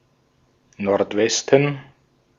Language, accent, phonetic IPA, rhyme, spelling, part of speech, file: German, Austria, [nɔʁtˈvɛstn̩], -ɛstn̩, Nordwesten, noun, De-at-Nordwesten.ogg
- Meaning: northwest